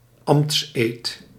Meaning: oath of office
- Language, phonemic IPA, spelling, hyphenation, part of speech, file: Dutch, /ˈɑm(p)ts.eːt/, ambtseed, ambts‧eed, noun, Nl-ambtseed.ogg